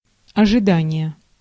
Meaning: expectation, waiting, pending
- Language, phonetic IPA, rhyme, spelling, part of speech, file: Russian, [ɐʐɨˈdanʲɪje], -anʲɪje, ожидание, noun, Ru-ожидание.ogg